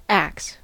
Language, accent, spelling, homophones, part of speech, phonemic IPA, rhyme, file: English, US, axe, acts, noun / verb, /æks/, -æks, En-us-axe.ogg
- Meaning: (noun) A tool for felling trees or chopping wood etc. consisting of a heavy head flattened to a blade on one side, and a handle attached to it